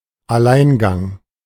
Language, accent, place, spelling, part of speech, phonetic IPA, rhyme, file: German, Germany, Berlin, Alleingang, noun, [aˈlaɪ̯nˌɡaŋ], -aɪ̯nɡaŋ, De-Alleingang.ogg
- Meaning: solo action / effort